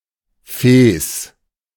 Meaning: fez
- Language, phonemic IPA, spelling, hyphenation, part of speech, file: German, /feːs/, Fes, Fes, noun, De-Fes.ogg